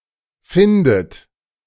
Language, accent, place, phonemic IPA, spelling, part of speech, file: German, Germany, Berlin, /ˈfɪndət/, findet, verb, De-findet.ogg
- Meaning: inflection of finden: 1. third-person singular present 2. second-person plural present 3. second-person plural subjunctive I 4. plural imperative